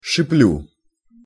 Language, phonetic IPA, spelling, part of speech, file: Russian, [ʂɨˈplʲu], шиплю, verb, Ru-шиплю.ogg
- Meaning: first-person singular present indicative imperfective of шипе́ть (šipétʹ)